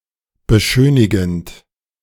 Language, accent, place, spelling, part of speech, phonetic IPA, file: German, Germany, Berlin, beschönigend, verb, [bəˈʃøːnɪɡn̩t], De-beschönigend.ogg
- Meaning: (verb) present participle of beschönigen; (adjective) euphemistic